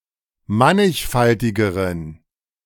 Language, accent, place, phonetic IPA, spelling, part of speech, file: German, Germany, Berlin, [ˈmanɪçˌfaltɪɡəʁən], mannigfaltigeren, adjective, De-mannigfaltigeren.ogg
- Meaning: inflection of mannigfaltig: 1. strong genitive masculine/neuter singular comparative degree 2. weak/mixed genitive/dative all-gender singular comparative degree